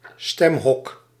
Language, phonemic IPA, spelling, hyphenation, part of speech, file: Dutch, /ˈstɛm.ɦɔk/, stemhok, stem‧hok, noun, Nl-stemhok.ogg
- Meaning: voting booth